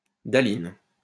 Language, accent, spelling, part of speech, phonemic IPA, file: French, France, dahline, noun, /da.lin/, LL-Q150 (fra)-dahline.wav
- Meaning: dahlin